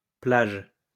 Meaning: plural of plage
- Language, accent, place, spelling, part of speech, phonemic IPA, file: French, France, Lyon, plages, noun, /plaʒ/, LL-Q150 (fra)-plages.wav